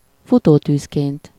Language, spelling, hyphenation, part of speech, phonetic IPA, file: Hungarian, futótűzként, fu‧tó‧tűz‧ként, noun, [ˈfutoːtyːskeːnt], Hu-futótűzként.ogg
- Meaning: essive-formal singular of futótűz, like wildfire